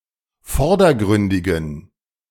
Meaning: inflection of vordergründig: 1. strong genitive masculine/neuter singular 2. weak/mixed genitive/dative all-gender singular 3. strong/weak/mixed accusative masculine singular 4. strong dative plural
- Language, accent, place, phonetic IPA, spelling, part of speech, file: German, Germany, Berlin, [ˈfɔʁdɐˌɡʁʏndɪɡn̩], vordergründigen, adjective, De-vordergründigen.ogg